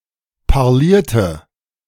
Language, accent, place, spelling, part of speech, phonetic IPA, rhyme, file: German, Germany, Berlin, parlierte, verb, [paʁˈliːɐ̯tə], -iːɐ̯tə, De-parlierte.ogg
- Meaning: inflection of parlieren: 1. first/third-person singular preterite 2. first/third-person singular subjunctive II